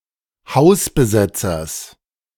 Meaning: genitive singular of Hausbesetzer
- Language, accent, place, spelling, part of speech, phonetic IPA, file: German, Germany, Berlin, Hausbesetzers, noun, [ˈhaʊ̯sbəˌzɛt͡sɐs], De-Hausbesetzers.ogg